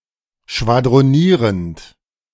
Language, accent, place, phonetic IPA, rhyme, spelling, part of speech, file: German, Germany, Berlin, [ʃvadʁoˈniːʁənt], -iːʁənt, schwadronierend, verb, De-schwadronierend.ogg
- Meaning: present participle of schwadronieren